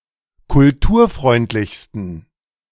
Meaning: 1. superlative degree of kulturfreundlich 2. inflection of kulturfreundlich: strong genitive masculine/neuter singular superlative degree
- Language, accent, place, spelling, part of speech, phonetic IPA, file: German, Germany, Berlin, kulturfreundlichsten, adjective, [kʊlˈtuːɐ̯ˌfʁɔɪ̯ntlɪçstn̩], De-kulturfreundlichsten.ogg